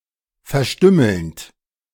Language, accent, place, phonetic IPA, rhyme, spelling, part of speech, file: German, Germany, Berlin, [fɛɐ̯ˈʃtʏml̩nt], -ʏml̩nt, verstümmelnd, verb, De-verstümmelnd.ogg
- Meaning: present participle of verstümmeln